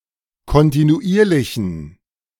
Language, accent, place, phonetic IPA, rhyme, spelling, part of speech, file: German, Germany, Berlin, [kɔntinuˈʔiːɐ̯lɪçn̩], -iːɐ̯lɪçn̩, kontinuierlichen, adjective, De-kontinuierlichen.ogg
- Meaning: inflection of kontinuierlich: 1. strong genitive masculine/neuter singular 2. weak/mixed genitive/dative all-gender singular 3. strong/weak/mixed accusative masculine singular 4. strong dative plural